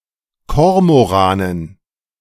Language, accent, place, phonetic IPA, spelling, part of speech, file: German, Germany, Berlin, [ˈkɔʁmoˌʁaːnən], Kormoranen, noun, De-Kormoranen.ogg
- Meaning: dative plural of Kormoran